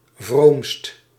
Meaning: superlative degree of vroom
- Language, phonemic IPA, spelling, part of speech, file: Dutch, /vromst/, vroomst, adjective, Nl-vroomst.ogg